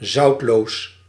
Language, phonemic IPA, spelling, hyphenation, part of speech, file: Dutch, /ˈzɑu̯t.loːs/, zoutloos, zout‧loos, adjective, Nl-zoutloos.ogg
- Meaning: 1. saltless 2. insipid